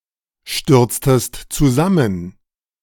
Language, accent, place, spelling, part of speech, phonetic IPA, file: German, Germany, Berlin, stürztest zusammen, verb, [ˌʃtʏʁt͡stəst t͡suˈzamən], De-stürztest zusammen.ogg
- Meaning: inflection of zusammenstürzen: 1. second-person singular preterite 2. second-person singular subjunctive II